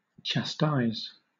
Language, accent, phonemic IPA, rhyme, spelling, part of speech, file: English, Southern England, /tʃæˈstaɪz/, -aɪz, chastise, verb, LL-Q1860 (eng)-chastise.wav
- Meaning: 1. To punish, especially by corporal punishment 2. To castigate; to scold or censure